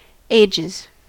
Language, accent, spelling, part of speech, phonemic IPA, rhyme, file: English, US, ages, noun / verb, /ˈeɪ.d͡ʒɪz/, -eɪdʒɪz, En-us-ages.ogg
- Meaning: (noun) 1. plural of age 2. A long time 3. History (past events): Astronomic and geologic history; human history; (verb) third-person singular simple present indicative of age